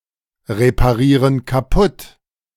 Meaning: inflection of kaputtreparieren: 1. first/third-person plural present 2. first/third-person plural subjunctive I
- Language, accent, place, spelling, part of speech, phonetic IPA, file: German, Germany, Berlin, reparieren kaputt, verb, [ʁepaˌʁiːʁən kaˈpʊt], De-reparieren kaputt.ogg